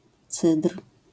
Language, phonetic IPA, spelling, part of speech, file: Polish, [t͡sɨtr̥], cydr, noun, LL-Q809 (pol)-cydr.wav